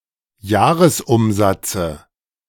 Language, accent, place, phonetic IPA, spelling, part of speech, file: German, Germany, Berlin, [ˈjaːʁəsˌʔʊmzat͡sə], Jahresumsatze, noun, De-Jahresumsatze.ogg
- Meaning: dative singular of Jahresumsatz